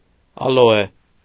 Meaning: aloe (plant)
- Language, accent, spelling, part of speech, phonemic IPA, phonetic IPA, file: Armenian, Eastern Armenian, ալոե, noun, /ɑloˈe/, [ɑlo(j)é], Hy-ալոե.ogg